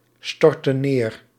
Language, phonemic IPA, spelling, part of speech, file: Dutch, /ˈstɔrtə(n) ˈner/, storten neer, verb, Nl-storten neer.ogg
- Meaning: inflection of neerstorten: 1. plural present indicative 2. plural present subjunctive